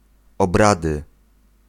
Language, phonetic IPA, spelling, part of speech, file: Polish, [ɔbˈradɨ], obrady, noun, Pl-obrady.ogg